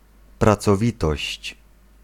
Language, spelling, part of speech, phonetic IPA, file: Polish, pracowitość, noun, [ˌprat͡sɔˈvʲitɔɕt͡ɕ], Pl-pracowitość.ogg